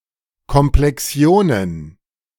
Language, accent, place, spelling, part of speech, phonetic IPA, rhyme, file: German, Germany, Berlin, Komplexionen, noun, [kɔmplɛˈksi̯oːnən], -oːnən, De-Komplexionen.ogg
- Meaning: plural of Komplexion